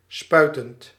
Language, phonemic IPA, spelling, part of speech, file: Dutch, /ˈspœytənt/, spuitend, verb / adjective, Nl-spuitend.ogg
- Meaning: present participle of spuiten